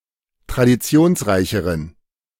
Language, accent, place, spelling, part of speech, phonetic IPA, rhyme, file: German, Germany, Berlin, traditionsreicheren, adjective, [tʁadiˈt͡si̯oːnsˌʁaɪ̯çəʁən], -oːnsʁaɪ̯çəʁən, De-traditionsreicheren.ogg
- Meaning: inflection of traditionsreich: 1. strong genitive masculine/neuter singular comparative degree 2. weak/mixed genitive/dative all-gender singular comparative degree